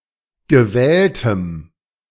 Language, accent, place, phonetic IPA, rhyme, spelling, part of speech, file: German, Germany, Berlin, [ɡəˈvɛːltəm], -ɛːltəm, gewähltem, adjective, De-gewähltem.ogg
- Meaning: strong dative masculine/neuter singular of gewählt